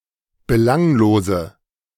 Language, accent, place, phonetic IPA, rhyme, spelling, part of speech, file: German, Germany, Berlin, [bəˈlaŋloːzə], -aŋloːzə, belanglose, adjective, De-belanglose.ogg
- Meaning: inflection of belanglos: 1. strong/mixed nominative/accusative feminine singular 2. strong nominative/accusative plural 3. weak nominative all-gender singular